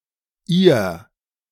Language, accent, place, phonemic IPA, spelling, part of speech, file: German, Germany, Berlin, /ʔiːɐ̯/, Ihr, pronoun / determiner, De-Ihr.ogg
- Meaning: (pronoun) you (polite/formal; both singular and plural); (determiner) your (that belongs to you (when formally or politely addressing one or more people))